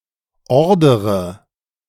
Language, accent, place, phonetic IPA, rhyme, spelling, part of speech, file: German, Germany, Berlin, [ˈɔʁdəʁə], -ɔʁdəʁə, ordere, verb, De-ordere.ogg
- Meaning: inflection of ordern: 1. first-person singular present 2. first/third-person singular subjunctive I 3. singular imperative